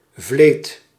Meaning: a series of drift nets used for catching herring
- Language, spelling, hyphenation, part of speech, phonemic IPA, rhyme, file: Dutch, vleet, vleet, noun, /vleːt/, -eːt, Nl-vleet.ogg